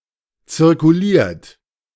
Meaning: 1. past participle of zirkulieren 2. inflection of zirkulieren: third-person singular present 3. inflection of zirkulieren: second-person plural present 4. inflection of zirkulieren: plural imperative
- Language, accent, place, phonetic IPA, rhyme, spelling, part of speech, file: German, Germany, Berlin, [t͡sɪʁkuˈliːɐ̯t], -iːɐ̯t, zirkuliert, verb, De-zirkuliert.ogg